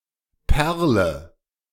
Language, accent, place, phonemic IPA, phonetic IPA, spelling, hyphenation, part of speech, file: German, Germany, Berlin, /ˈpɛʁlə/, [ˈpʰɛɐ̯.lə], Perle, Per‧le, noun, De-Perle.ogg
- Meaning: 1. pearl (concretion from oysters or imitation thereof) 2. bead (any roundish object that is put on a string)